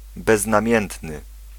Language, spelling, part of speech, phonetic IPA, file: Polish, beznamiętny, adjective, [ˌbɛznãˈmʲjɛ̃ntnɨ], Pl-beznamiętny.ogg